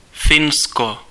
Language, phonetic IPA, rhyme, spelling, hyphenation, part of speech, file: Czech, [ˈfɪnsko], -ɪnsko, Finsko, Fin‧sko, proper noun, Cs-Finsko.ogg
- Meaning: Finland (a country in Northern Europe)